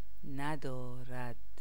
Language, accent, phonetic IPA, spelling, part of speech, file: Persian, Iran, [næ.d̪ɒː.ɹæd̪̥], ندارد, verb, Fa-ندارد.ogg
- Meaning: third-person singular negative present indicative of داشتن (dâštan, “to have”)